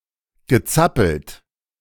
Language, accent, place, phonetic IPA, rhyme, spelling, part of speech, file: German, Germany, Berlin, [ɡəˈt͡sapl̩t], -apl̩t, gezappelt, verb, De-gezappelt.ogg
- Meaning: past participle of zappeln